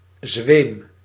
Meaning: 1. a trace amount 2. a tiny bit, a tinge, a whiff 3. resemblance, similarity, semblance
- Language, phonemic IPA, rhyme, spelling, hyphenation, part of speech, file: Dutch, /zʋeːm/, -eːm, zweem, zweem, noun, Nl-zweem.ogg